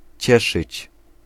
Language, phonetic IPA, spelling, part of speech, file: Polish, [ˈt͡ɕɛʃɨt͡ɕ], cieszyć, verb, Pl-cieszyć.ogg